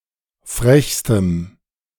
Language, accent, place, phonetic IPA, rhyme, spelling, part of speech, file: German, Germany, Berlin, [ˈfʁɛçstəm], -ɛçstəm, frechstem, adjective, De-frechstem.ogg
- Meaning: strong dative masculine/neuter singular superlative degree of frech